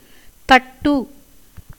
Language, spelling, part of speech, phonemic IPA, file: Tamil, தட்டு, verb / noun, /t̪ɐʈːɯ/, Ta-தட்டு.ogg
- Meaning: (verb) 1. to knock, tap, pat, rap, stroke 2. to strike or beat, as a drum, one's own chest 3. to hammer out, flatten, as malleable metal 4. to sharpen by beating, as with hammer